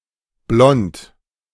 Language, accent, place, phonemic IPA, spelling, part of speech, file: German, Germany, Berlin, /blɔnt/, blond, adjective, De-blond.ogg
- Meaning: 1. blond; fair; unlike English, not commonly used of anything other than hair (except beer, see hereunder) 2. bright; not brown or yeasty 3. stupid; naive